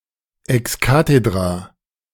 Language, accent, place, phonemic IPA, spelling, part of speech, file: German, Germany, Berlin, /ɛksˈka.te.dra/, ex cathedra, adverb, De-ex cathedra.ogg
- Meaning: 1. with the infallible authority of the Pope 2. with authority, especially one that accepts no objection